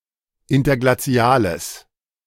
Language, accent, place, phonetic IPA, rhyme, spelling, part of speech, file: German, Germany, Berlin, [ˌɪntɐɡlaˈt͡si̯aːləs], -aːləs, interglaziales, adjective, De-interglaziales.ogg
- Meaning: strong/mixed nominative/accusative neuter singular of interglazial